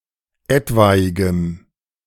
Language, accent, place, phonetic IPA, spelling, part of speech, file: German, Germany, Berlin, [ˈɛtvaɪ̯ɡəm], etwaigem, adjective, De-etwaigem.ogg
- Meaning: strong dative masculine/neuter singular of etwaig